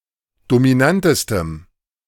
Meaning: strong dative masculine/neuter singular superlative degree of dominant
- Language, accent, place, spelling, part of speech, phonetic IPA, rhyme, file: German, Germany, Berlin, dominantestem, adjective, [domiˈnantəstəm], -antəstəm, De-dominantestem.ogg